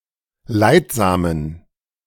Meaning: inflection of leidsam: 1. strong genitive masculine/neuter singular 2. weak/mixed genitive/dative all-gender singular 3. strong/weak/mixed accusative masculine singular 4. strong dative plural
- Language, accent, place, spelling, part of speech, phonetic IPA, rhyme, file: German, Germany, Berlin, leidsamen, adjective, [ˈlaɪ̯tˌzaːmən], -aɪ̯tzaːmən, De-leidsamen.ogg